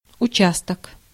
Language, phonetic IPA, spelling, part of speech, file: Russian, [ʊˈt͡ɕastək], участок, noun, Ru-участок.ogg
- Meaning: 1. part, section, portion 2. lot, plot, region, district, zone, sector, precinct 3. area